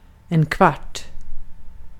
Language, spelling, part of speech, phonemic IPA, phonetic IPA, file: Swedish, kvart, noun, /kvɑːrt/, [kv̥ɑ̹ːʈ], Sv-kvart.ogg
- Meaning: 1. a quarter (one of four equal parts) 2. a quarter of an hour, 15 minutes 3. a (small, shabby) lodging, often an apartment